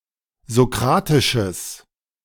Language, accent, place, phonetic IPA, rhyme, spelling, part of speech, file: German, Germany, Berlin, [zoˈkʁaːtɪʃəs], -aːtɪʃəs, sokratisches, adjective, De-sokratisches.ogg
- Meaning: strong/mixed nominative/accusative neuter singular of sokratisch